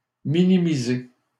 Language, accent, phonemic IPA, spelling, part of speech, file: French, Canada, /mi.ni.mi.ze/, minimiser, verb, LL-Q150 (fra)-minimiser.wav
- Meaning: 1. To lessen the importance of in the mind of people; to belittle, downplay, understate 2. To reduce the effect of; to minimize 3. To minimize the file size or dimension of